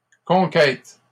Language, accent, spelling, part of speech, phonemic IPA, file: French, Canada, conquêtes, noun, /kɔ̃.kɛt/, LL-Q150 (fra)-conquêtes.wav
- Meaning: plural of conquête